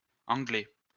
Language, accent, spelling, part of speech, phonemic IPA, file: French, France, angler, verb, /ɑ̃.ɡle/, LL-Q150 (fra)-angler.wav
- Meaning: to angle